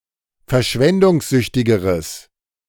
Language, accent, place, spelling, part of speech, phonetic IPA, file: German, Germany, Berlin, verschwendungssüchtigeres, adjective, [fɛɐ̯ˈʃvɛndʊŋsˌzʏçtɪɡəʁəs], De-verschwendungssüchtigeres.ogg
- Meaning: strong/mixed nominative/accusative neuter singular comparative degree of verschwendungssüchtig